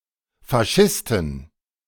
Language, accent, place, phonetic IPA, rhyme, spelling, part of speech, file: German, Germany, Berlin, [faˈʃɪstn̩], -ɪstn̩, Faschisten, noun, De-Faschisten.ogg
- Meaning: inflection of Faschist: 1. genitive/dative/accusative singular 2. nominative/genitive/dative/accusative plural